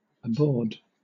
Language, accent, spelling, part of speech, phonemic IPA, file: English, Southern England, abord, noun / verb, /əˈbɔːd/, LL-Q1860 (eng)-abord.wav
- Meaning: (noun) 1. The act of approaching or arriving; approach 2. A road, or means of approach; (verb) Alternative form of aboard